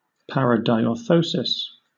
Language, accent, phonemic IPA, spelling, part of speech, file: English, Southern England, /ˌpæɹəˌdaɪɔː(ɹ)ˈθoʊsɪs/, paradiorthosis, noun, LL-Q1860 (eng)-paradiorthosis.wav
- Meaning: A false correction